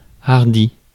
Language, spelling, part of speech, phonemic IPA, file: French, hardi, adjective, /aʁ.di/, Fr-hardi.ogg
- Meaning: bold; courageous; daring